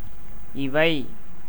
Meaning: these
- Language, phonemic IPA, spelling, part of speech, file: Tamil, /ɪʋɐɪ̯/, இவை, pronoun, Ta-இவை.ogg